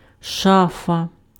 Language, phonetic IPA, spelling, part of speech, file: Ukrainian, [ˈʃafɐ], шафа, noun, Uk-шафа.ogg
- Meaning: 1. cabinet, cupboard 2. wardrobe, closet